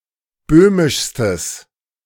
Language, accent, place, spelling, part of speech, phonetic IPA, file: German, Germany, Berlin, böhmischstes, adjective, [ˈbøːmɪʃstəs], De-böhmischstes.ogg
- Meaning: strong/mixed nominative/accusative neuter singular superlative degree of böhmisch